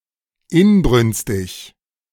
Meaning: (adjective) fervent, ardent; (adverb) fervently, ardently
- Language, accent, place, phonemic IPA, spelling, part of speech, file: German, Germany, Berlin, /ˈɪnbʁʏnstɪç/, inbrünstig, adjective / adverb, De-inbrünstig.ogg